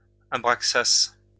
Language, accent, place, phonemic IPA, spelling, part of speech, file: French, France, Lyon, /a.bʁak.sas/, abraxas, noun, LL-Q150 (fra)-abraxas.wav
- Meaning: abraxas